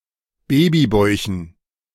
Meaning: dative plural of Babybauch
- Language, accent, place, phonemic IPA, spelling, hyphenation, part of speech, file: German, Germany, Berlin, /ˈbeːbiˌbɔɪ̯çn̩/, Babybäuchen, Ba‧by‧bäu‧chen, noun, De-Babybäuchen.ogg